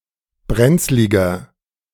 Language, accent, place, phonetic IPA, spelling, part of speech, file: German, Germany, Berlin, [ˈbʁɛnt͡slɪɡɐ], brenzliger, adjective, De-brenzliger.ogg
- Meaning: 1. comparative degree of brenzlig 2. inflection of brenzlig: strong/mixed nominative masculine singular 3. inflection of brenzlig: strong genitive/dative feminine singular